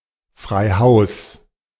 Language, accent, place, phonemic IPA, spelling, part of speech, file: German, Germany, Berlin, /fʁaɪ̯ ˈhaʊ̯s/, frei Haus, adverb, De-frei Haus.ogg
- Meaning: without additional shipping/delivery cost